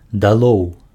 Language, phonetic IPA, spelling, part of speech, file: Belarusian, [daˈɫou̯], далоў, adverb, Be-далоў.ogg
- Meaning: down with